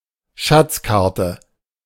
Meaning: treasure map
- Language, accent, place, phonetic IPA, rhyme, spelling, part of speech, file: German, Germany, Berlin, [ˈʃat͡sˌkaʁtə], -at͡skaʁtə, Schatzkarte, noun, De-Schatzkarte.ogg